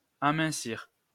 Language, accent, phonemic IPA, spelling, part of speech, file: French, France, /a.mɛ̃.siʁ/, amincir, verb, LL-Q150 (fra)-amincir.wav
- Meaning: 1. to thin (down) 2. to get thinner